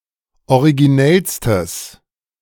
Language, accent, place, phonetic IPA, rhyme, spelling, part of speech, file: German, Germany, Berlin, [oʁiɡiˈnɛlstəs], -ɛlstəs, originellstes, adjective, De-originellstes.ogg
- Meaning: strong/mixed nominative/accusative neuter singular superlative degree of originell